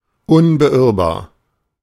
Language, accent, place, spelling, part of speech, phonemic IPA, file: German, Germany, Berlin, unbeirrbar, adjective, /ˌʊnbəˈʔɪʁbaːɐ̯/, De-unbeirrbar.ogg
- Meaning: unwavering, unswerving, single-minded